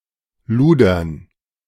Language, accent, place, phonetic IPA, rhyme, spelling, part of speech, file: German, Germany, Berlin, [ˈluːdɐn], -uːdɐn, Ludern, noun, De-Ludern.ogg
- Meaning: dative plural of Luder